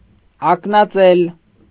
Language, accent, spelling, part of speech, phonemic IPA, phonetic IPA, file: Armenian, Eastern Armenian, ակնածել, verb, /ɑknɑˈt͡sel/, [ɑknɑt͡sél], Hy-ակնածել.ogg
- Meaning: 1. to venerate, to revere, to respect 2. to feel scared, frightened, terrified